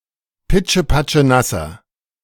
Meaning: inflection of pitschepatschenass: 1. strong/mixed nominative masculine singular 2. strong genitive/dative feminine singular 3. strong genitive plural
- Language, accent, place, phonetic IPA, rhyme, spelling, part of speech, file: German, Germany, Berlin, [ˌpɪt͡ʃəpat͡ʃəˈnasɐ], -asɐ, pitschepatschenasser, adjective, De-pitschepatschenasser.ogg